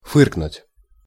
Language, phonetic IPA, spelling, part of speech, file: Russian, [ˈfɨrknʊtʲ], фыркнуть, verb, Ru-фыркнуть.ogg
- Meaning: 1. to snort, to sniff 2. to sniff scornfully, to scoff, to grouse, to grumble 3. to chuckle, to chortle, to snicker